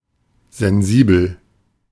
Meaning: sensitive
- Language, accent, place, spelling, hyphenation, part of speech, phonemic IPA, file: German, Germany, Berlin, sensibel, sen‧si‧bel, adjective, /zɛnˈziːbl̩/, De-sensibel.ogg